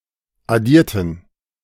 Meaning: inflection of addieren: 1. first/third-person plural preterite 2. first/third-person plural subjunctive II
- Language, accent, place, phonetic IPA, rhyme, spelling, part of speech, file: German, Germany, Berlin, [aˈdiːɐ̯tn̩], -iːɐ̯tn̩, addierten, adjective / verb, De-addierten.ogg